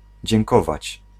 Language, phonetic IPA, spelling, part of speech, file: Polish, [d͡ʑɛ̃ŋˈkɔvat͡ɕ], dziękować, verb, Pl-dziękować.ogg